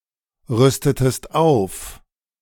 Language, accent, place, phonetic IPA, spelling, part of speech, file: German, Germany, Berlin, [ˌʁʏstətəst ˈaʊ̯f], rüstetest auf, verb, De-rüstetest auf.ogg
- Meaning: inflection of aufrüsten: 1. second-person singular preterite 2. second-person singular subjunctive II